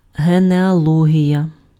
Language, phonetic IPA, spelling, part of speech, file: Ukrainian, [ɦeneɐˈɫɔɦʲijɐ], генеалогія, noun, Uk-генеалогія.ogg
- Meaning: 1. genealogy (study of ancestry) 2. genealogy (descent, ancestry)